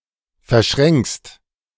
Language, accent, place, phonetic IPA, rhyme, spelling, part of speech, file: German, Germany, Berlin, [fɛɐ̯ˈʃʁɛŋkst], -ɛŋkst, verschränkst, verb, De-verschränkst.ogg
- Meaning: second-person singular present of verschränken